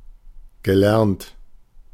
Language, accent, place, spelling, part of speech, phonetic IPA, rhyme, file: German, Germany, Berlin, gelernt, adjective / verb, [ɡəˈlɛʁnt], -ɛʁnt, De-gelernt.ogg
- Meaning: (verb) past participle of lernen; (adjective) 1. skilled, trained 2. learnt / learned